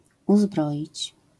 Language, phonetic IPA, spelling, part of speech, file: Polish, [uˈzbrɔʲit͡ɕ], uzbroić, verb, LL-Q809 (pol)-uzbroić.wav